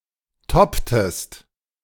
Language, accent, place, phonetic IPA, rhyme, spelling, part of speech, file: German, Germany, Berlin, [ˈtɔptəst], -ɔptəst, topptest, verb, De-topptest.ogg
- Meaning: inflection of toppen: 1. second-person singular preterite 2. second-person singular subjunctive II